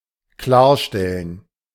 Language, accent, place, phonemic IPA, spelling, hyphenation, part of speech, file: German, Germany, Berlin, /ˈklaːɐ̯ˌʃtɛlən/, klarstellen, klar‧stel‧len, verb, De-klarstellen.ogg
- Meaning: to get (something) straight, to put (something) straight, to clarify